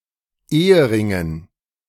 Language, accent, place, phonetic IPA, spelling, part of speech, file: German, Germany, Berlin, [ˈeːəˌʁɪŋən], Eheringen, noun, De-Eheringen.ogg
- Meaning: dative plural of Ehering